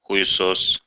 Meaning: 1. cocksucker (a man who performs fellatio) 2. cocksucker; asshole, dickhead, bell-end (UK)
- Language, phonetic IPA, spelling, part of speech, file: Russian, [xʊ(j)ɪˈsos], хуесос, noun, Ru-хуесо́с.ogg